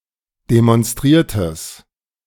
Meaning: strong/mixed nominative/accusative neuter singular of demonstriert
- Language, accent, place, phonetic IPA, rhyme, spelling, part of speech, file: German, Germany, Berlin, [demɔnˈstʁiːɐ̯təs], -iːɐ̯təs, demonstriertes, adjective, De-demonstriertes.ogg